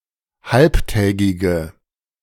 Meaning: inflection of halbtägig: 1. strong/mixed nominative/accusative feminine singular 2. strong nominative/accusative plural 3. weak nominative all-gender singular
- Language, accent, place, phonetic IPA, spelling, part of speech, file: German, Germany, Berlin, [ˈhalptɛːɡɪɡə], halbtägige, adjective, De-halbtägige.ogg